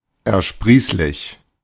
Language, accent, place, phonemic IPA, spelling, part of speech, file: German, Germany, Berlin, /ɛɐ̯ˈʃpʁiːslɪç/, ersprießlich, adjective, De-ersprießlich.ogg
- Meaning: beneficial, profitable, fruitful